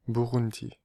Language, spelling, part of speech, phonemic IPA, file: French, Burundi, proper noun, /bu.ʁun.di/, Fr-Burundi.ogg
- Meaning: Burundi (a country in East Africa)